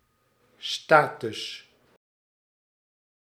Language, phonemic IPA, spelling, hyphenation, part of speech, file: Dutch, /ˈstaː.tʏs/, status, sta‧tus, noun, Nl-status.ogg
- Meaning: 1. status (condition) 2. status (legal position) 3. status (station, social standing) 4. medical file